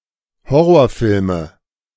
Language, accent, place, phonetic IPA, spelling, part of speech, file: German, Germany, Berlin, [ˈhɔʁoːɐ̯ˌfɪlmə], Horrorfilme, noun, De-Horrorfilme.ogg
- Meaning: nominative/accusative/genitive plural of Horrorfilm